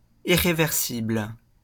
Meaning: irreversible
- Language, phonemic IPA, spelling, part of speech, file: French, /i.ʁe.vɛʁ.sibl/, irréversible, adjective, LL-Q150 (fra)-irréversible.wav